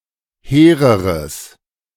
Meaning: strong/mixed nominative/accusative neuter singular comparative degree of hehr
- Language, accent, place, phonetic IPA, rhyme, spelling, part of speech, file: German, Germany, Berlin, [ˈheːʁəʁəs], -eːʁəʁəs, hehreres, adjective, De-hehreres.ogg